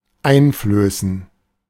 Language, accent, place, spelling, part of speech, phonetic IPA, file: German, Germany, Berlin, einflößen, verb, [ˈaɪ̯nˌfløːsn̩], De-einflößen.ogg
- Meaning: 1. to feed to; to pour into someone’s mouth 2. to inspire with; to fill with